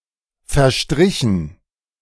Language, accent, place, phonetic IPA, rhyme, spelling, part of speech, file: German, Germany, Berlin, [fɛɐ̯ˈʃtʁɪçn̩], -ɪçn̩, verstrichen, verb, De-verstrichen.ogg
- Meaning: past participle of verstreichen